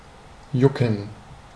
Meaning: 1. to itch (feel itchy) 2. to itch (cause an itchy feeling) 3. to itch (scratch as to relieve an itch) 4. to itch, to cause an urge 5. to concern, interest
- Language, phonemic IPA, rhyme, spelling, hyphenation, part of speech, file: German, /ˈjʊkən/, -ʊkən, jucken, ju‧cken, verb, De-jucken.ogg